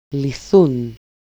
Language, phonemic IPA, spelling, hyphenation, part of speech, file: Greek, /liˈθun/, λυθούν, λυ‧θούν, verb, El-λυθούν.ogg
- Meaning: third-person plural dependent passive of λύνω (lýno)